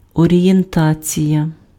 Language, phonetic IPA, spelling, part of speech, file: Ukrainian, [ɔrʲijenˈtat͡sʲijɐ], орієнтація, noun, Uk-орієнтація.ogg
- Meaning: orientation